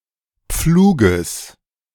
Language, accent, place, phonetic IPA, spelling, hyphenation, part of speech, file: German, Germany, Berlin, [ˈpfluːɡəs], Pfluges, Pflu‧ges, noun, De-Pfluges.ogg
- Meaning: genitive singular of Pflug